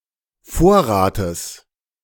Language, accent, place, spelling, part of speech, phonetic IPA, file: German, Germany, Berlin, Vorrates, noun, [ˈfoːɐ̯ʁaːtəs], De-Vorrates.ogg
- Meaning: genitive singular of Vorrat